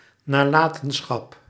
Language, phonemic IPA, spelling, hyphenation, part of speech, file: Dutch, /naːˈlaːtə(n)ˌsxɑp/, nalatenschap, na‧la‧ten‧schap, noun, Nl-nalatenschap.ogg
- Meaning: 1. estate, inheritance 2. legacy